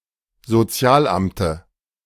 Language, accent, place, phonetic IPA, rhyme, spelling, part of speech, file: German, Germany, Berlin, [zoˈt͡si̯aːlˌʔamtə], -aːlʔamtə, Sozialamte, noun, De-Sozialamte.ogg
- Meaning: dative of Sozialamt